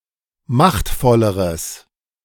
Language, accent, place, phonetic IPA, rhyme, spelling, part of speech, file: German, Germany, Berlin, [ˈmaxtfɔləʁəs], -axtfɔləʁəs, machtvolleres, adjective, De-machtvolleres.ogg
- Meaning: strong/mixed nominative/accusative neuter singular comparative degree of machtvoll